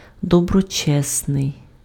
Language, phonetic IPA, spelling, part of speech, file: Ukrainian, [dɔbrɔˈt͡ʃɛsnei̯], доброчесний, adjective, Uk-доброчесний.ogg
- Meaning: virtuous, righteous